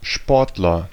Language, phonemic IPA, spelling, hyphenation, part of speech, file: German, /ˈʃpɔʁtlɐ/, Sportler, Sport‧ler, noun, De-Sportler.ogg
- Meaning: sportsman, athlete